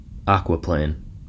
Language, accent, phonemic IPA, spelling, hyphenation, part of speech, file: English, General American, /ˈækwəˌpleɪn/, aquaplane, aqua‧plane, noun / verb, En-us-aquaplane.ogg
- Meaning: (noun) A board on which a person stands to ride for leisure which is pulled on a water surface by a motorboat